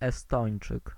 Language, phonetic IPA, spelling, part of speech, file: Polish, [ɛˈstɔ̃j̃n͇t͡ʃɨk], Estończyk, noun, Pl-Estończyk.ogg